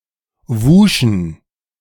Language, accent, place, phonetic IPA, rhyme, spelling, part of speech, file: German, Germany, Berlin, [ˈvuːʃn̩], -uːʃn̩, wuschen, verb, De-wuschen.ogg
- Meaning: first/third-person plural preterite of waschen